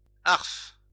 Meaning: argh, ugh, oy
- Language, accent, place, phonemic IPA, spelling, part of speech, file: French, France, Lyon, /aʁf/, arf, interjection, LL-Q150 (fra)-arf.wav